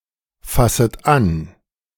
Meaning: second-person plural subjunctive I of anfassen
- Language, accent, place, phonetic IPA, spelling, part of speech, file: German, Germany, Berlin, [ˌfasət ˈan], fasset an, verb, De-fasset an.ogg